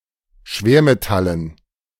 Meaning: dative plural of Schwermetall
- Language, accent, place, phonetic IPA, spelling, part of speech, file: German, Germany, Berlin, [ˈʃveːɐ̯meˌtalən], Schwermetallen, noun, De-Schwermetallen.ogg